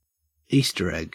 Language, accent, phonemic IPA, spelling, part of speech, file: English, Australia, /ˈiː.stəɹ ˌɛɡ/, Easter egg, noun, En-au-Easter egg.ogg
- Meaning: A dyed or decorated egg, traditionally associated with Easter and, in the Western European tradition, sometimes hidden for children to find